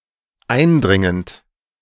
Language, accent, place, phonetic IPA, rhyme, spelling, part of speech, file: German, Germany, Berlin, [ˈaɪ̯nˌdʁɪŋənt], -aɪ̯ndʁɪŋənt, eindringend, verb, De-eindringend.ogg
- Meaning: present participle of eindringen